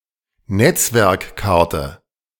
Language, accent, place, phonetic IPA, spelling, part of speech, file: German, Germany, Berlin, [ˈnɛt͡svɛʁkˌkaʁtə], Netzwerkkarte, noun, De-Netzwerkkarte.ogg
- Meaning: network interface card, NIC